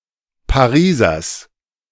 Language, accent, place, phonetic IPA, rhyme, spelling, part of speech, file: German, Germany, Berlin, [paˈʁiːzɐs], -iːzɐs, Parisers, noun, De-Parisers.ogg
- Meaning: genitive singular of Pariser